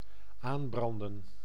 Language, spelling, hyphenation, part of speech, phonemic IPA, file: Dutch, aanbranden, aan‧bran‧den, verb, /ˈaːmbrɑndə(n)/, Nl-aanbranden.ogg
- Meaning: to burn to the pan